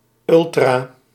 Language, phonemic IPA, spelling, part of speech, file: Dutch, /ˈʏl.traː/, ultra-, prefix, Nl-ultra-.ogg
- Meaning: ultra- (beyond, on the far side of; beyond, outside of)